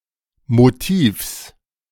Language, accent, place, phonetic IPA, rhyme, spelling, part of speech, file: German, Germany, Berlin, [ˌmoˈtiːfs], -iːfs, Motivs, noun, De-Motivs.ogg
- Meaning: genitive singular of Motiv